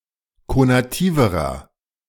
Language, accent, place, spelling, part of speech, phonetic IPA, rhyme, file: German, Germany, Berlin, konativerer, adjective, [konaˈtiːvəʁɐ], -iːvəʁɐ, De-konativerer.ogg
- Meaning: inflection of konativ: 1. strong/mixed nominative masculine singular comparative degree 2. strong genitive/dative feminine singular comparative degree 3. strong genitive plural comparative degree